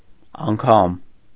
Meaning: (noun) an instance or occurrence, time; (particle) even
- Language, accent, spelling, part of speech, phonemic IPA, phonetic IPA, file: Armenian, Eastern Armenian, անգամ, noun / particle, /ɑnˈkʰɑm/, [ɑŋkʰɑ́m], Hy-անգամ.ogg